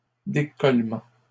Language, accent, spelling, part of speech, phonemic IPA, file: French, Canada, décollement, noun, /de.kɔl.mɑ̃/, LL-Q150 (fra)-décollement.wav
- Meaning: detachment, unsticking